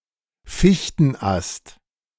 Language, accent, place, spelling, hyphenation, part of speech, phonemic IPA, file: German, Germany, Berlin, Fichtenast, Fich‧ten‧ast, noun, /ˈfiçtn̩ˌast/, De-Fichtenast.ogg
- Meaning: spruce limb, spruce bough